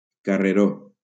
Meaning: 1. alley 2. in Valencian pilota, a central area left behind a player where that player can go backward with the intention of playing the ball
- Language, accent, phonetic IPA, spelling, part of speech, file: Catalan, Valencia, [ka.reˈɾo], carreró, noun, LL-Q7026 (cat)-carreró.wav